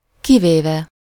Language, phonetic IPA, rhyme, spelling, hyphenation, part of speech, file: Hungarian, [ˈkiveːvɛ], -vɛ, kivéve, ki‧vé‧ve, verb / postposition / adverb, Hu-kivéve.ogg
- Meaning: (verb) adverbial participle of kivesz; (postposition) except, with the exception of, except for, apart from, save (for), barring; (adverb) except (with the exception of the given instance)